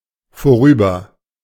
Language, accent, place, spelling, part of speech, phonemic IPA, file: German, Germany, Berlin, vorüber, adverb, /foˈʁyːbɐ/, De-vorüber.ogg
- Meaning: 1. gone, over, past 2. past